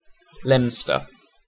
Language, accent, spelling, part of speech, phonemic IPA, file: English, UK, Leominster, proper noun, /ˈlɛmstə/, En-uk-Leominster.ogg
- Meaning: 1. A market town and civil parish with a town council in northern Herefordshire, England (OS grid ref SO4958) 2. A city in Worcester County, Massachusetts, United States